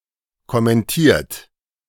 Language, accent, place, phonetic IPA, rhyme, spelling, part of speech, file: German, Germany, Berlin, [kɔmɛnˈtiːɐ̯t], -iːɐ̯t, kommentiert, verb, De-kommentiert.ogg
- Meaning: 1. past participle of kommentieren 2. inflection of kommentieren: third-person singular present 3. inflection of kommentieren: second-person plural present